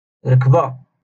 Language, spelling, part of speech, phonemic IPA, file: Moroccan Arabic, ركبة, noun, /ruk.ba/, LL-Q56426 (ary)-ركبة.wav
- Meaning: knee